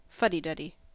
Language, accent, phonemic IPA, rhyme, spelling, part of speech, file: English, US, /ˈfʌdiˌdʌdi/, -ʌdi, fuddy-duddy, noun / adjective, En-us-fuddy-duddy.ogg
- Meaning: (noun) An old-fashioned, persnickety or ineffective person; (adjective) Old-fashioned and persnickety or ineffective